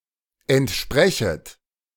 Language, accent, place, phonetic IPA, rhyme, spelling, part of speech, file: German, Germany, Berlin, [ɛntˈʃpʁɛçət], -ɛçət, entsprechet, verb, De-entsprechet.ogg
- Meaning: second-person plural subjunctive I of entsprechen